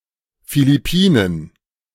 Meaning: Philippines (a country in Southeast Asia)
- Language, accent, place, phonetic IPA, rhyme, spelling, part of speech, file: German, Germany, Berlin, [ˌfilɪˈpiːnən], -iːnən, Philippinen, proper noun, De-Philippinen.ogg